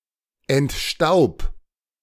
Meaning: 1. singular imperative of entstauben 2. first-person singular present of entstauben
- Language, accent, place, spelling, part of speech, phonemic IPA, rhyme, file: German, Germany, Berlin, entstaub, verb, /ɛntˈʃtaʊ̯p/, -aʊ̯p, De-entstaub.ogg